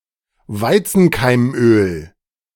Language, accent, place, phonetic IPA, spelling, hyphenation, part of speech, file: German, Germany, Berlin, [ˈvaɪ̯t͡sn̩kaɪ̯mˌʔøːl], Weizenkeimöl, Wei‧zen‧keim‧öl, noun, De-Weizenkeimöl.ogg
- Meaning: wheat germ oil